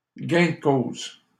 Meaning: 1. winning of the case (in a trial) 2. upper hand in a debate, victory
- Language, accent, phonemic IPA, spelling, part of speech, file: French, Canada, /ɡɛ̃ d(ə) koz/, gain de cause, noun, LL-Q150 (fra)-gain de cause.wav